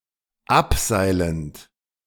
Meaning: present participle of abseilen
- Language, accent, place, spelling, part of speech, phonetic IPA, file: German, Germany, Berlin, abseilend, verb, [ˈapˌzaɪ̯lənt], De-abseilend.ogg